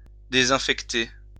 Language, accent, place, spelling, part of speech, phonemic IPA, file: French, France, Lyon, désinfecter, verb, /de.zɛ̃.fɛk.te/, LL-Q150 (fra)-désinfecter.wav
- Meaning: to disinfect, to sanitize